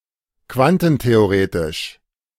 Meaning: quantum theory
- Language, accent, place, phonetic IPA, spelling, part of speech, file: German, Germany, Berlin, [ˈkvantn̩teoˌʁeːtɪʃ], quantentheoretisch, adjective, De-quantentheoretisch.ogg